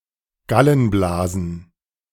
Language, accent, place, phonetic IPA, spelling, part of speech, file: German, Germany, Berlin, [ˈɡalənˌblaːzn̩], Gallenblasen, noun, De-Gallenblasen.ogg
- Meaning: plural of Gallenblase